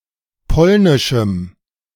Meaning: strong dative masculine/neuter singular of polnisch
- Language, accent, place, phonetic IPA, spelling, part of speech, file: German, Germany, Berlin, [ˈpɔlnɪʃm̩], polnischem, adjective, De-polnischem.ogg